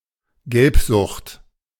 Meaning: jaundice, icterus
- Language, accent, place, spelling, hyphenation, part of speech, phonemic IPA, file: German, Germany, Berlin, Gelbsucht, Gelb‧sucht, noun, /ˈɡɛlpzʊxt/, De-Gelbsucht.ogg